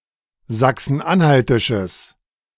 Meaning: strong/mixed nominative/accusative neuter singular of sachsen-anhaltisch
- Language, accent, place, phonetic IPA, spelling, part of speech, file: German, Germany, Berlin, [ˌzaksn̩ˈʔanhaltɪʃəs], sachsen-anhaltisches, adjective, De-sachsen-anhaltisches.ogg